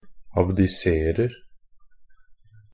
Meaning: present tense of abdisere
- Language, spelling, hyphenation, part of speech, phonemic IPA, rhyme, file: Norwegian Bokmål, abdiserer, ab‧di‧ser‧er, verb, /abdɪˈseːrər/, -ər, NB - Pronunciation of Norwegian Bokmål «abdiserer».ogg